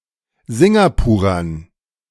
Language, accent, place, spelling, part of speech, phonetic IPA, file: German, Germany, Berlin, Singapurern, noun, [ˈzɪŋɡapuːʁɐn], De-Singapurern.ogg
- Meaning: dative plural of Singapurer